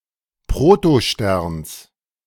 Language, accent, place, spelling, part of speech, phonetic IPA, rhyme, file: German, Germany, Berlin, Protosterns, noun, [pʁotoˈʃtɛʁns], -ɛʁns, De-Protosterns.ogg
- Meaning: genitive singular of Protostern